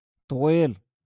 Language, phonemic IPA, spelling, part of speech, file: Moroccan Arabic, /tˤwiːl/, طويل, adjective, LL-Q56426 (ary)-طويل.wav
- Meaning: long, tall